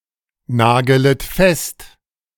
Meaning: second-person plural subjunctive I of festnageln
- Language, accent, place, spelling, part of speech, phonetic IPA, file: German, Germany, Berlin, nagelet fest, verb, [ˌnaːɡələt ˈfɛst], De-nagelet fest.ogg